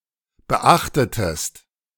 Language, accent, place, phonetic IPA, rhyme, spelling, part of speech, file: German, Germany, Berlin, [bəˈʔaxtətəst], -axtətəst, beachtetest, verb, De-beachtetest.ogg
- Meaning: inflection of beachten: 1. second-person singular preterite 2. second-person singular subjunctive II